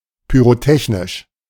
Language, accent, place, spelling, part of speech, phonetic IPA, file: German, Germany, Berlin, pyrotechnisch, adjective, [pyːʁoˈtɛçnɪʃ], De-pyrotechnisch.ogg
- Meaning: pyrotechnic